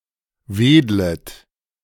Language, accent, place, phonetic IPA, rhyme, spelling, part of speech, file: German, Germany, Berlin, [ˈveːdlət], -eːdlət, wedlet, verb, De-wedlet.ogg
- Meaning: second-person plural subjunctive I of wedeln